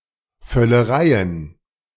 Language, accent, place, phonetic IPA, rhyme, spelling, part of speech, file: German, Germany, Berlin, [fœləˈʁaɪ̯ən], -aɪ̯ən, Völlereien, noun, De-Völlereien.ogg
- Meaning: plural of Völlerei